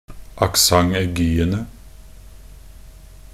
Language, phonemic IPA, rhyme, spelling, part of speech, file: Norwegian Bokmål, /akˈsaŋ.ɛɡyːənə/, -ənə, accent aiguene, noun, Nb-accent aiguene.ogg
- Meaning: definite plural of accent aigu